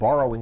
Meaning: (verb) 1. present participle and gerund of borrow 2. Shoplifting; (noun) 1. An instance of something being borrowed 2. A borrowed word, adopted from a foreign language; loanword
- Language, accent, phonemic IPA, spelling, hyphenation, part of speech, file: English, US, /ˈbɔrəwɪŋ/, borrowing, bor‧row‧ing, verb / noun, En-us-borrowing.ogg